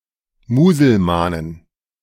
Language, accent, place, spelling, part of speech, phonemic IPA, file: German, Germany, Berlin, Muselmanen, noun, /muːzəlˈmaːnən/, De-Muselmanen.ogg
- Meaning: inflection of Muselman: 1. genitive/dative/accusative singular 2. all cases plural